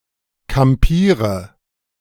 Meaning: inflection of kampieren: 1. first-person singular present 2. first/third-person singular subjunctive I 3. singular imperative
- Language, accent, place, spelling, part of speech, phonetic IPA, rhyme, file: German, Germany, Berlin, kampiere, verb, [kamˈpiːʁə], -iːʁə, De-kampiere.ogg